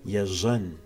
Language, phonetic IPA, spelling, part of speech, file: Kabardian, [jaʑan], ежьэн, verb, Jaʑan.ogg
- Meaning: to wait